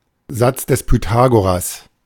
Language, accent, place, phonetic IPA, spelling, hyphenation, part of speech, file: German, Germany, Berlin, [ˈzat͡s dɛs pyˈtaːɡoʁas], Satz des Pythagoras, Satz des Py‧tha‧go‧ras, noun, De-Satz des Pythagoras.ogg
- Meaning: Pythagorean theorem